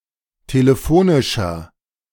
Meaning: inflection of telefonisch: 1. strong/mixed nominative masculine singular 2. strong genitive/dative feminine singular 3. strong genitive plural
- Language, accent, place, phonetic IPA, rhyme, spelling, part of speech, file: German, Germany, Berlin, [teləˈfoːnɪʃɐ], -oːnɪʃɐ, telefonischer, adjective, De-telefonischer.ogg